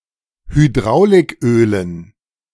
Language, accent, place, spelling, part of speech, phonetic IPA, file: German, Germany, Berlin, Hydraulikölen, noun, [hyˈdʁaʊ̯lɪkˌʔøːlən], De-Hydraulikölen.ogg
- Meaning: dative plural of Hydrauliköl